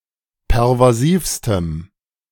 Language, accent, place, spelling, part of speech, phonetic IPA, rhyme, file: German, Germany, Berlin, pervasivstem, adjective, [pɛʁvaˈziːfstəm], -iːfstəm, De-pervasivstem.ogg
- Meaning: strong dative masculine/neuter singular superlative degree of pervasiv